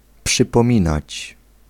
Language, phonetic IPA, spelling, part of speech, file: Polish, [ˌpʃɨpɔ̃ˈmʲĩnat͡ɕ], przypominać, verb, Pl-przypominać.ogg